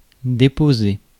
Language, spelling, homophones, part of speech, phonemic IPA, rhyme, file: French, déposer, déposai / déposé / déposée / déposées / déposés, verb, /de.po.ze/, -e, Fr-déposer.ogg
- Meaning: 1. to put down (set down), lay down 2. to deposit (one material onto another) 3. to drop off (someone) 4. to deposit (money) 5. to depose (to remove (a leader) from (high) office)